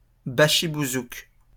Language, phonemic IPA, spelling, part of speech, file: French, /ba.ʃi.bu.zuk/, bachi-bouzouk, noun, LL-Q150 (fra)-bachi-bouzouk.wav
- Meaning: bashi-bazouk (an irregular soldier in the Ottoman army)